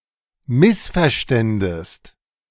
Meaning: second-person singular subjunctive II of missverstehen
- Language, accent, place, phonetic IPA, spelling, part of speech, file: German, Germany, Berlin, [ˈmɪsfɛɐ̯ˌʃtɛndəst], missverständest, verb, De-missverständest.ogg